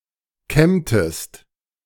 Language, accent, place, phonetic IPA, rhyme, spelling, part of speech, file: German, Germany, Berlin, [ˈkɛmtəst], -ɛmtəst, kämmtest, verb, De-kämmtest.ogg
- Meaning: inflection of kämmen: 1. second-person singular preterite 2. second-person singular subjunctive II